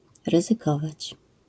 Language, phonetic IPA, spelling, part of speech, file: Polish, [ˌrɨzɨˈkɔvat͡ɕ], ryzykować, verb, LL-Q809 (pol)-ryzykować.wav